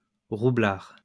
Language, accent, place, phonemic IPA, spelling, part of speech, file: French, France, Lyon, /ʁu.blaʁ/, roublard, adjective / noun, LL-Q150 (fra)-roublard.wav
- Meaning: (adjective) wily, artful, cunning; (noun) sly fox (wily person)